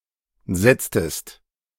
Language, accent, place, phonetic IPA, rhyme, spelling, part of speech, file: German, Germany, Berlin, [ˈzɛt͡stəst], -ɛt͡stəst, setztest, verb, De-setztest.ogg
- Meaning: inflection of setzen: 1. second-person singular preterite 2. second-person singular subjunctive II